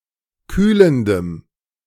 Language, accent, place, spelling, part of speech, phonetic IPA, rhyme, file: German, Germany, Berlin, kühlendem, adjective, [ˈkyːləndəm], -yːləndəm, De-kühlendem.ogg
- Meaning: strong dative masculine/neuter singular of kühlend